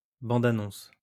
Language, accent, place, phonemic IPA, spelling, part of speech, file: French, France, Lyon, /bɑ̃.da.nɔ̃s/, bande-annonce, noun, LL-Q150 (fra)-bande-annonce.wav
- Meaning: trailer